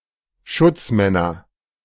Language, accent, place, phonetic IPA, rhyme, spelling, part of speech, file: German, Germany, Berlin, [ˈʃʊt͡sˌmɛnɐ], -ʊt͡smɛnɐ, Schutzmänner, noun, De-Schutzmänner.ogg
- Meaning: nominative/accusative/genitive plural of Schutzmann